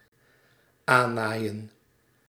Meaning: to sew on
- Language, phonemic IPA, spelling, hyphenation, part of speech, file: Dutch, /ˈaːˌnaːi̯ə(n)/, aannaaien, aan‧naai‧en, verb, Nl-aannaaien.ogg